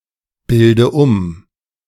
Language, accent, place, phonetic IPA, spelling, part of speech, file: German, Germany, Berlin, [ˌbɪldə ˈʊm], bilde um, verb, De-bilde um.ogg
- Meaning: inflection of umbilden: 1. first-person singular present 2. first/third-person singular subjunctive I 3. singular imperative